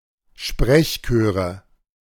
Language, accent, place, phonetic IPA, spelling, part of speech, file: German, Germany, Berlin, [ˈʃpʁɛçˌkøːʁə], Sprechchöre, noun, De-Sprechchöre.ogg
- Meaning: nominative/accusative/genitive plural of Sprechchor